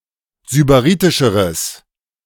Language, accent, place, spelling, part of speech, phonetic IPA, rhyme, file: German, Germany, Berlin, sybaritischeres, adjective, [zybaˈʁiːtɪʃəʁəs], -iːtɪʃəʁəs, De-sybaritischeres.ogg
- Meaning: strong/mixed nominative/accusative neuter singular comparative degree of sybaritisch